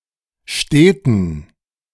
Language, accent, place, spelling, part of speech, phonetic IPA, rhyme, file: German, Germany, Berlin, steten, adjective, [ˈʃteːtn̩], -eːtn̩, De-steten.ogg
- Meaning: inflection of stet: 1. strong genitive masculine/neuter singular 2. weak/mixed genitive/dative all-gender singular 3. strong/weak/mixed accusative masculine singular 4. strong dative plural